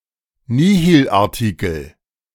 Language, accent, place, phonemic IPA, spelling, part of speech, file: German, Germany, Berlin, /niːhiːlˈaːɐ̯tɪkl̩/, Nihilartikel, noun, De-Nihilartikel.ogg
- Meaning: nihilartikel